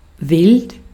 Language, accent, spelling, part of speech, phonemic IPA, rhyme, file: German, Austria, wild, adjective, /vɪlt/, -ɪlt, De-at-wild.ogg
- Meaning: 1. wild (of animals, etc.) 2. wild, unrestrained, raucous (of behavior, parties, etc.) 3. crazy, hard to believe (of stories, situations, etc.) 4. strange